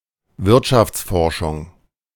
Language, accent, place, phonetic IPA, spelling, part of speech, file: German, Germany, Berlin, [ˈvɪʁtʃaft͡sˌfɔʁʃʊŋ], Wirtschaftsforschung, noun, De-Wirtschaftsforschung.ogg
- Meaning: economic research